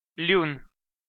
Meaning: the name of the Armenian letter լ (l)
- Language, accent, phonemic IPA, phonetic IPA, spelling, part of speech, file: Armenian, Eastern Armenian, /ljun/, [ljun], լյուն, noun, Hy-լյուն.ogg